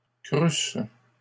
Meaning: first-person singular imperfect subjunctive of croître
- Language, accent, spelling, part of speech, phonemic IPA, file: French, Canada, crûsse, verb, /kʁys/, LL-Q150 (fra)-crûsse.wav